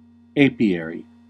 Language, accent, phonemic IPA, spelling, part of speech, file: English, US, /ˈeɪ.pi.ɛɹ.i/, apiary, noun, En-us-apiary.ogg
- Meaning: A place where bees and their hives are kept